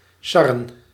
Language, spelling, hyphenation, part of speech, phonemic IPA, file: Dutch, sarren, sar‧ren, verb, /ˈsɑ.rə(n)/, Nl-sarren.ogg
- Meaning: 1. to pester, to bother, to torment 2. to tease, to rib